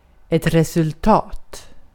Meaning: 1. A result, an effect 2. A result, a conclusion 3. The score of a test or examination
- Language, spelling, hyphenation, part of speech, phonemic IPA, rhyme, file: Swedish, resultat, re‧sult‧at, noun, /rɛsɵlˈtɑːt/, -ɑːt, Sv-resultat.ogg